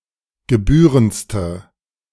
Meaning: inflection of gebührend: 1. strong/mixed nominative/accusative feminine singular superlative degree 2. strong nominative/accusative plural superlative degree
- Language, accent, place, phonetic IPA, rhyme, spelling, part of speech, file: German, Germany, Berlin, [ɡəˈbyːʁənt͡stə], -yːʁənt͡stə, gebührendste, adjective, De-gebührendste.ogg